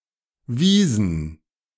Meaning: inflection of weisen: 1. first/third-person plural preterite 2. first/third-person plural subjunctive II
- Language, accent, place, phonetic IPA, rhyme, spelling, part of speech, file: German, Germany, Berlin, [ˈviːzn̩], -iːzn̩, wiesen, verb, De-wiesen.ogg